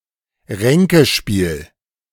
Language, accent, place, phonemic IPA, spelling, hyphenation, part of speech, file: German, Germany, Berlin, /ˈʁɛŋkəˌʃpiːl/, Ränkespiel, Rän‧ke‧spiel, noun, De-Ränkespiel.ogg
- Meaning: intrigue